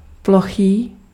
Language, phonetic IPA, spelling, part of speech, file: Czech, [ˈploxiː], plochý, adjective, Cs-plochý.ogg
- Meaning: flat, plane